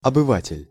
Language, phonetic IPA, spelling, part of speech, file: Russian, [ɐbɨˈvatʲɪlʲ], обыватель, noun, Ru-обыватель.ogg
- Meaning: 1. the average man/citizen, the man in the street 2. philistine 3. resident, inhabitant